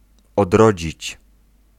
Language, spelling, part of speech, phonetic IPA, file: Polish, odrodzić, verb, [ɔdˈrɔd͡ʑit͡ɕ], Pl-odrodzić.ogg